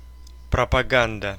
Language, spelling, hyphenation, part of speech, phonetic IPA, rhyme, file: Russian, пропаганда, про‧па‧ган‧да, noun, [prəpɐˈɡandə], -andə, Ru-пропаганда.ogg
- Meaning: 1. propaganda 2. promotion, advocacy